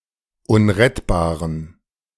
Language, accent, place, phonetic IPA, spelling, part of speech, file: German, Germany, Berlin, [ˈʊnʁɛtbaːʁən], unrettbaren, adjective, De-unrettbaren.ogg
- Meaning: inflection of unrettbar: 1. strong genitive masculine/neuter singular 2. weak/mixed genitive/dative all-gender singular 3. strong/weak/mixed accusative masculine singular 4. strong dative plural